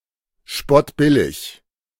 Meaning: dirt-cheap, cheap as chips
- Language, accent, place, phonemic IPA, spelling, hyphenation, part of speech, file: German, Germany, Berlin, /ˈʃpɔtˌbɪlɪç/, spottbillig, spott‧bil‧lig, adjective, De-spottbillig.ogg